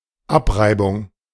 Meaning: 1. abrasion 2. beating
- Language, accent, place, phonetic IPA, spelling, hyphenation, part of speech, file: German, Germany, Berlin, [ˈapˌʀaɪ̯bʊŋ], Abreibung, Ab‧rei‧bung, noun, De-Abreibung.ogg